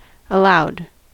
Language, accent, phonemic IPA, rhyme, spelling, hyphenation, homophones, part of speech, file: English, US, /əˈlaʊd/, -aʊd, aloud, aloud, allowed, adverb / adjective, En-us-aloud.ogg
- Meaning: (adverb) 1. With a loud voice, or great noise; loudly; audibly 2. Audibly, as opposed to silently/quietly; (adjective) Spoken out loud